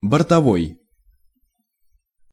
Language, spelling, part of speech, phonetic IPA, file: Russian, бортовой, adjective, [bərtɐˈvoj], Ru-бортовой.ogg
- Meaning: onboard